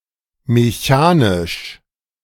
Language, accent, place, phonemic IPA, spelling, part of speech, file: German, Germany, Berlin, /meˈçaːnɪʃ/, mechanisch, adjective / adverb, De-mechanisch.ogg
- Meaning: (adjective) mechanical; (adverb) mechanically